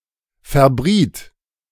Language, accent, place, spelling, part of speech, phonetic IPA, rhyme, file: German, Germany, Berlin, verbriet, verb, [fɛɐ̯ˈbʁiːt], -iːt, De-verbriet.ogg
- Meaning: first/third-person singular preterite of verbraten